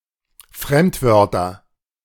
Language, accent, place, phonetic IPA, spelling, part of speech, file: German, Germany, Berlin, [ˈfʁɛmtˌvœʁtɐ], Fremdwörter, noun, De-Fremdwörter.ogg
- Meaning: nominative/accusative/genitive plural of Fremdwort